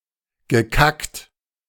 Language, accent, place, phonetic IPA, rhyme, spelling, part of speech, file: German, Germany, Berlin, [ɡəˈkakt], -akt, gekackt, verb, De-gekackt.ogg
- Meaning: past participle of kacken